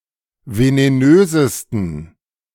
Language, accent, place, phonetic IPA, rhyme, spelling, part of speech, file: German, Germany, Berlin, [veneˈnøːzəstn̩], -øːzəstn̩, venenösesten, adjective, De-venenösesten.ogg
- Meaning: 1. superlative degree of venenös 2. inflection of venenös: strong genitive masculine/neuter singular superlative degree